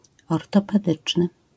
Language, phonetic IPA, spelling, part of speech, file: Polish, [ˌɔrtɔpɛˈdɨt͡ʃnɨ], ortopedyczny, adjective, LL-Q809 (pol)-ortopedyczny.wav